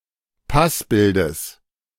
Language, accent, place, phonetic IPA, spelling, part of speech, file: German, Germany, Berlin, [ˈpasbɪldəs], Passbildes, noun, De-Passbildes.ogg
- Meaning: genitive of Passbild